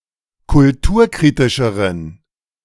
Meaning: inflection of kulturkritisch: 1. strong genitive masculine/neuter singular comparative degree 2. weak/mixed genitive/dative all-gender singular comparative degree
- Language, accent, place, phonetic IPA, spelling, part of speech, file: German, Germany, Berlin, [kʊlˈtuːɐ̯ˌkʁiːtɪʃəʁən], kulturkritischeren, adjective, De-kulturkritischeren.ogg